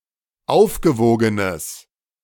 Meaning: strong/mixed nominative/accusative neuter singular of aufgewogen
- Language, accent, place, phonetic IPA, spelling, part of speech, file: German, Germany, Berlin, [ˈaʊ̯fɡəˌvoːɡənəs], aufgewogenes, adjective, De-aufgewogenes.ogg